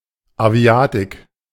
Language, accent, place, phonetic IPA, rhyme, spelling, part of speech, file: German, Germany, Berlin, [aˈvi̯aːtɪk], -aːtɪk, Aviatik, noun, De-Aviatik.ogg
- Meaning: aviation